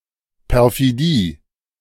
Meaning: perfidy
- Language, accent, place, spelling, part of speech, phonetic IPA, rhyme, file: German, Germany, Berlin, Perfidie, noun, [pɛʁfiˈdiː], -iː, De-Perfidie.ogg